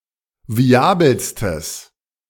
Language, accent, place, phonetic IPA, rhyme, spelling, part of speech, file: German, Germany, Berlin, [viˈaːbl̩stəs], -aːbl̩stəs, viabelstes, adjective, De-viabelstes.ogg
- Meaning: strong/mixed nominative/accusative neuter singular superlative degree of viabel